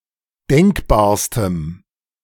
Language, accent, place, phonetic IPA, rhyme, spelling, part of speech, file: German, Germany, Berlin, [ˈdɛŋkbaːɐ̯stəm], -ɛŋkbaːɐ̯stəm, denkbarstem, adjective, De-denkbarstem.ogg
- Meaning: strong dative masculine/neuter singular superlative degree of denkbar